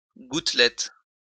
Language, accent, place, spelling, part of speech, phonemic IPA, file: French, France, Lyon, gouttelette, noun, /ɡut.lɛt/, LL-Q150 (fra)-gouttelette.wav
- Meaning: droplet